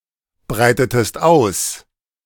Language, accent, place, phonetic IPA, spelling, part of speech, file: German, Germany, Berlin, [ˌbʁaɪ̯tətəst ˈaʊ̯s], breitetest aus, verb, De-breitetest aus.ogg
- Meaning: inflection of ausbreiten: 1. second-person singular preterite 2. second-person singular subjunctive II